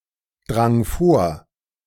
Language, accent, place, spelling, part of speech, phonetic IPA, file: German, Germany, Berlin, drang vor, verb, [ˌdʁaŋ ˈfoːɐ̯], De-drang vor.ogg
- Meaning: first/third-person singular preterite of vordringen